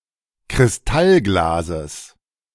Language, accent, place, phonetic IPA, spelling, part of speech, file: German, Germany, Berlin, [kʁɪsˈtalˌɡlaːzəs], Kristallglases, noun, De-Kristallglases.ogg
- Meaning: genitive singular of Kristallglas